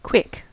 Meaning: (adjective) 1. Moving with speed, rapidity or swiftness, or capable of doing so; rapid; fast 2. Occurring in a short time; happening or done rapidly 3. Lively, fast-thinking, witty, intelligent
- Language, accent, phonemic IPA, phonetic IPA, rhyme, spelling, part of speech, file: English, US, /kwɪk/, [kʰw̥ɪk], -ɪk, quick, adjective / adverb / noun / verb, En-us-quick.ogg